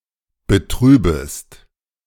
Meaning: second-person singular subjunctive I of betrüben
- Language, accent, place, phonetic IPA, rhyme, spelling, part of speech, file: German, Germany, Berlin, [bəˈtʁyːbəst], -yːbəst, betrübest, verb, De-betrübest.ogg